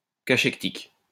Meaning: cachectic
- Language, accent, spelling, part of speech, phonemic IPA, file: French, France, cachectique, adjective, /ka.ʃɛk.tik/, LL-Q150 (fra)-cachectique.wav